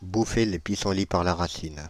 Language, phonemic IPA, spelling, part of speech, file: French, /bu.fe le pi.sɑ̃.li paʁ la ʁa.sin/, bouffer les pissenlits par la racine, verb, Fr-bouffer les pissenlits par la racine.ogg
- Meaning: alternative form of manger les pissenlits par la racine